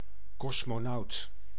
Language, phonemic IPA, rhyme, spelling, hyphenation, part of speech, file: Dutch, /ˌkɔs.moːˈnɑu̯t/, -ɑu̯t, kosmonaut, kos‧mo‧naut, noun, Nl-kosmonaut.ogg
- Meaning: a (male) cosmonaut (astronaut, usually a Russian or Soviet one)